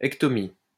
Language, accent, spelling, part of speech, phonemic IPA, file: French, France, ectomie, noun, /ɛk.tɔ.mi/, LL-Q150 (fra)-ectomie.wav
- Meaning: ectomy